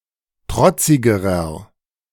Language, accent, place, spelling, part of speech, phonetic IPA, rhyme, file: German, Germany, Berlin, trotzigerer, adjective, [ˈtʁɔt͡sɪɡəʁɐ], -ɔt͡sɪɡəʁɐ, De-trotzigerer.ogg
- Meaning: inflection of trotzig: 1. strong/mixed nominative masculine singular comparative degree 2. strong genitive/dative feminine singular comparative degree 3. strong genitive plural comparative degree